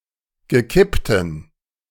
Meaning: strong dative masculine/neuter singular of gekippt
- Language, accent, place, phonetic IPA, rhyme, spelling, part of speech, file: German, Germany, Berlin, [ɡəˈkɪptəm], -ɪptəm, gekipptem, adjective, De-gekipptem.ogg